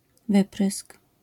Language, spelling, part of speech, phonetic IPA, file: Polish, wyprysk, noun, [ˈvɨprɨsk], LL-Q809 (pol)-wyprysk.wav